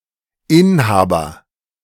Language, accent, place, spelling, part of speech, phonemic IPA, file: German, Germany, Berlin, Inhaber, noun, /ˈɪnˌhaːbɐ/, De-Inhaber.ogg
- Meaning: 1. owner, holder, bearer 2. proprietor 3. occupant, incumbent